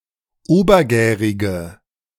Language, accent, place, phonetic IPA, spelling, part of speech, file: German, Germany, Berlin, [ˈoːbɐˌɡɛːʁɪɡə], obergärige, adjective, De-obergärige.ogg
- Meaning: inflection of obergärig: 1. strong/mixed nominative/accusative feminine singular 2. strong nominative/accusative plural 3. weak nominative all-gender singular